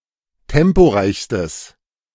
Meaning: strong/mixed nominative/accusative neuter singular superlative degree of temporeich
- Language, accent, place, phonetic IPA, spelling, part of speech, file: German, Germany, Berlin, [ˈtɛmpoˌʁaɪ̯çstəs], temporeichstes, adjective, De-temporeichstes.ogg